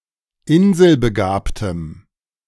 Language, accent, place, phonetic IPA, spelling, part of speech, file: German, Germany, Berlin, [ˈɪnzəlbəˌɡaːptəm], inselbegabtem, adjective, De-inselbegabtem.ogg
- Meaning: strong dative masculine/neuter singular of inselbegabt